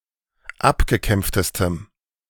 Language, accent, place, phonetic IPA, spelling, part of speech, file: German, Germany, Berlin, [ˈapɡəˌkɛmp͡ftəstəm], abgekämpftestem, adjective, De-abgekämpftestem.ogg
- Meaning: strong dative masculine/neuter singular superlative degree of abgekämpft